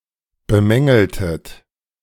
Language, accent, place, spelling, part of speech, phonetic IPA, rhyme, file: German, Germany, Berlin, bemängeltet, verb, [bəˈmɛŋl̩tət], -ɛŋl̩tət, De-bemängeltet.ogg
- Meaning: inflection of bemängeln: 1. second-person plural preterite 2. second-person plural subjunctive II